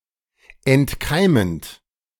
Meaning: present participle of entkeimen
- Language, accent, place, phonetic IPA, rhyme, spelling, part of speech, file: German, Germany, Berlin, [ɛntˈkaɪ̯mənt], -aɪ̯mənt, entkeimend, verb, De-entkeimend.ogg